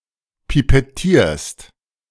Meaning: second-person singular present of pipettieren
- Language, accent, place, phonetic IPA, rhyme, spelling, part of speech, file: German, Germany, Berlin, [pipɛˈtiːɐ̯st], -iːɐ̯st, pipettierst, verb, De-pipettierst.ogg